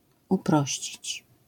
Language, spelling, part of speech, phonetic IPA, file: Polish, uprościć, verb, [uˈprɔɕt͡ɕit͡ɕ], LL-Q809 (pol)-uprościć.wav